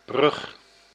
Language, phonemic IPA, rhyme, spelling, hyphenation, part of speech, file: Dutch, /brʏx/, -ʏx, brug, brug, noun, Nl-brug.ogg
- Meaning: 1. bridge (construction) 2. bridge (dental prosthesis) 3. a substantive connection in a discourse allowing one to move from one subject to another